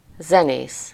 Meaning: musician (a person who plays or sings music)
- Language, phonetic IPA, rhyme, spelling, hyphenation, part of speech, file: Hungarian, [ˈzɛneːs], -eːs, zenész, ze‧nész, noun, Hu-zenész.ogg